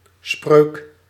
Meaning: 1. proverb, adage, saying 2. sentence 3. conjuration, incantation 4. spell
- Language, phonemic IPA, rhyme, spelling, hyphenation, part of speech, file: Dutch, /sprøːk/, -øːk, spreuk, spreuk, noun, Nl-spreuk.ogg